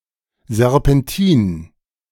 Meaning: serpentine
- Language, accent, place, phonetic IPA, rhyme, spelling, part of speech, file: German, Germany, Berlin, [zɛʁpɛnˈtiːn], -iːn, Serpentin, noun, De-Serpentin.ogg